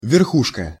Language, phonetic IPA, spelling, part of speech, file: Russian, [vʲɪrˈxuʂkə], верхушка, noun, Ru-верхушка.ogg
- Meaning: 1. top, crest, summit, apex 2. elite, establishment